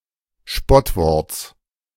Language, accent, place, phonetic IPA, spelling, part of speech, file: German, Germany, Berlin, [ˈʃpɔtˌvɔʁt͡s], Spottworts, noun, De-Spottworts.ogg
- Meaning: genitive singular of Spottwort